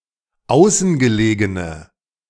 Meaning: inflection of außengelegen: 1. strong/mixed nominative/accusative feminine singular 2. strong nominative/accusative plural 3. weak nominative all-gender singular
- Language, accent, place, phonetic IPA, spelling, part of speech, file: German, Germany, Berlin, [ˈaʊ̯sn̩ɡəˌleːɡənə], außengelegene, adjective, De-außengelegene.ogg